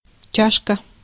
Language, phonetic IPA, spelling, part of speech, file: Russian, [ˈt͡ɕaʂkə], чашка, noun, Ru-чашка.ogg
- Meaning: 1. diminutive of ча́ша (čáša) 2. cup 3. pan 4. cap